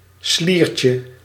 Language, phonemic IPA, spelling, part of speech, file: Dutch, /ˈslircə/, sliertje, noun, Nl-sliertje.ogg
- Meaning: 1. diminutive of slier 2. diminutive of sliert